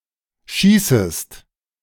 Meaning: second-person singular subjunctive I of schießen
- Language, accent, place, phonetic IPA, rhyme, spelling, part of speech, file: German, Germany, Berlin, [ˈʃiːsəst], -iːsəst, schießest, verb, De-schießest.ogg